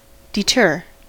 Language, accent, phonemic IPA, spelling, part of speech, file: English, US, /dɪˈtɝ/, deter, verb, En-us-deter.ogg
- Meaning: 1. To prevent something from happening 2. To persuade someone not to do something; to discourage 3. To distract someone from something